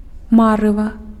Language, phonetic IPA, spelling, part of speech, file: Belarusian, [ˈmarɨva], марыва, noun, Be-марыва.ogg
- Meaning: 1. haze 2. mirage